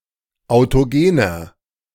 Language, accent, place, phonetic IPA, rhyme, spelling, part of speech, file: German, Germany, Berlin, [aʊ̯toˈɡeːnɐ], -eːnɐ, autogener, adjective, De-autogener.ogg
- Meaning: inflection of autogen: 1. strong/mixed nominative masculine singular 2. strong genitive/dative feminine singular 3. strong genitive plural